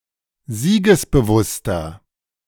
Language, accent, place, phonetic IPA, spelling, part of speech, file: German, Germany, Berlin, [ˈziːɡəsbəˌvʊstɐ], siegesbewusster, adjective, De-siegesbewusster.ogg
- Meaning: inflection of siegesbewusst: 1. strong/mixed nominative masculine singular 2. strong genitive/dative feminine singular 3. strong genitive plural